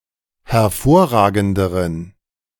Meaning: inflection of hervorragend: 1. strong genitive masculine/neuter singular comparative degree 2. weak/mixed genitive/dative all-gender singular comparative degree
- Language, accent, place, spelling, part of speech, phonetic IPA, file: German, Germany, Berlin, hervorragenderen, adjective, [hɛɐ̯ˈfoːɐ̯ˌʁaːɡn̩dəʁən], De-hervorragenderen.ogg